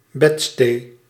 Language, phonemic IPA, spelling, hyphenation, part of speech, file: Dutch, /ˈbɛt.steː/, bedstee, bed‧stee, noun, Nl-bedstee.ogg
- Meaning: a closet-bed; a box-bed